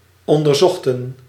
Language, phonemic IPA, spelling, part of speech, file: Dutch, /ˌɔndərˈzɔxtə(n)/, onderzochten, verb, Nl-onderzochten.ogg
- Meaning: inflection of onderzoeken: 1. plural past indicative 2. plural past subjunctive